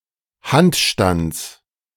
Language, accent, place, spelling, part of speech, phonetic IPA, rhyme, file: German, Germany, Berlin, Handstands, noun, [ˈhantˌʃtant͡s], -antʃtant͡s, De-Handstands.ogg
- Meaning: genitive singular of Handstand